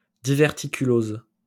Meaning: diverticulosis
- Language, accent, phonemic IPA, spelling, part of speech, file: French, France, /di.vɛʁ.ti.ky.loz/, diverticulose, noun, LL-Q150 (fra)-diverticulose.wav